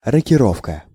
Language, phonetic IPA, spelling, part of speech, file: Russian, [rəkʲɪˈrofkə], рокировка, noun, Ru-рокировка.ogg
- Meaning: 1. castling; a move where the castle (rook) and king swap places 2. reshuffle, swap of roles or positions